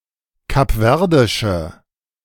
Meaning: inflection of kapverdisch: 1. strong/mixed nominative/accusative feminine singular 2. strong nominative/accusative plural 3. weak nominative all-gender singular
- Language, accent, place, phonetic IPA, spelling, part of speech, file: German, Germany, Berlin, [kapˈvɛʁdɪʃə], kapverdische, adjective, De-kapverdische.ogg